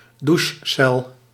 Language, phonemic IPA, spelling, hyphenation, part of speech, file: Dutch, /ˈdu(ʃ).sɛl/, douchecel, dou‧che‧cel, noun, Nl-douchecel.ogg
- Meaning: shower recess, shower cubicle